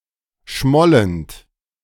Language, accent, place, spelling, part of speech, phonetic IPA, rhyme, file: German, Germany, Berlin, schmollend, verb, [ˈʃmɔlənt], -ɔlənt, De-schmollend.ogg
- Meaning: present participle of schmollen